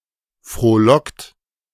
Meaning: 1. past participle of frohlocken 2. inflection of frohlocken: second-person plural present 3. inflection of frohlocken: third-person singular present 4. inflection of frohlocken: plural imperative
- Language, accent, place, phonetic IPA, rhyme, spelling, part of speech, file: German, Germany, Berlin, [fʁoːˈlɔkt], -ɔkt, frohlockt, verb, De-frohlockt.ogg